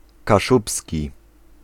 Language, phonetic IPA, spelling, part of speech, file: Polish, [kaˈʃupsʲci], kaszubski, adjective / noun, Pl-kaszubski.ogg